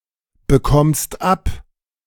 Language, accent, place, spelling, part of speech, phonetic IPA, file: German, Germany, Berlin, bekommst ab, verb, [bəˌkɔmst ˈap], De-bekommst ab.ogg
- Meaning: second-person singular present of abbekommen